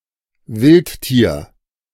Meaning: wild animal; any animal that is not domesticated, living under natural conditions
- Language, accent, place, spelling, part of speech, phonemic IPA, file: German, Germany, Berlin, Wildtier, noun, /ˈvɪlttiːɐ̯/, De-Wildtier.ogg